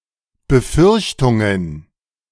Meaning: plural of Befürchtung
- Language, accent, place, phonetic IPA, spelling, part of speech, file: German, Germany, Berlin, [bəˈfʏʁçtʊŋən], Befürchtungen, noun, De-Befürchtungen.ogg